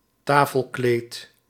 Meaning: a tablecloth
- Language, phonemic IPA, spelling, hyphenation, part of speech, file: Dutch, /ˈtaː.fəlˌkleːt/, tafelkleed, ta‧fel‧kleed, noun, Nl-tafelkleed.ogg